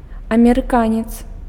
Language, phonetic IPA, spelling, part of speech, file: Belarusian, [amʲerɨˈkanʲet͡s], амерыканец, noun, Be-амерыканец.ogg
- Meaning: an American (male)